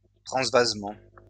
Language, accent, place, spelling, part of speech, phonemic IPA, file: French, France, Lyon, transvasement, noun, /tʁɑ̃s.vaz.mɑ̃/, LL-Q150 (fra)-transvasement.wav
- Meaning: decantation (transferring of a liquid from one vessel into another)